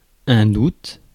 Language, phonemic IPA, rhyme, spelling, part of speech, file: French, /dut/, -ut, doute, noun / verb, Fr-doute.ogg
- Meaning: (noun) doubt; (verb) 1. inflection of douter 2. inflection of douter: first/third-person singular present indicative/subjunctive 3. inflection of douter: second-person singular imperative